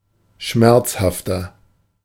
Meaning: 1. comparative degree of schmerzhaft 2. inflection of schmerzhaft: strong/mixed nominative masculine singular 3. inflection of schmerzhaft: strong genitive/dative feminine singular
- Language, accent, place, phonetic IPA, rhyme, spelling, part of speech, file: German, Germany, Berlin, [ˈʃmɛʁt͡shaftɐ], -ɛʁt͡shaftɐ, schmerzhafter, adjective, De-schmerzhafter.ogg